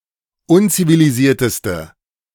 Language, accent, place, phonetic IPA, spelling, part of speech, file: German, Germany, Berlin, [ˈʊnt͡siviliˌziːɐ̯təstə], unzivilisierteste, adjective, De-unzivilisierteste.ogg
- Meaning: inflection of unzivilisiert: 1. strong/mixed nominative/accusative feminine singular superlative degree 2. strong nominative/accusative plural superlative degree